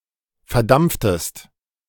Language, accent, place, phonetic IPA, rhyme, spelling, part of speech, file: German, Germany, Berlin, [fɛɐ̯ˈdamp͡ftəst], -amp͡ftəst, verdampftest, verb, De-verdampftest.ogg
- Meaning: inflection of verdampfen: 1. second-person singular preterite 2. second-person singular subjunctive II